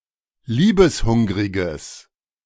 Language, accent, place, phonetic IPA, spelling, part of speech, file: German, Germany, Berlin, [ˈliːbəsˌhʊŋʁɪɡəs], liebeshungriges, adjective, De-liebeshungriges.ogg
- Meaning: strong/mixed nominative/accusative neuter singular of liebeshungrig